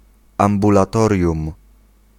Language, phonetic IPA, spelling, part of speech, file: Polish, [ˌãmbulaˈtɔrʲjũm], ambulatorium, noun, Pl-ambulatorium.ogg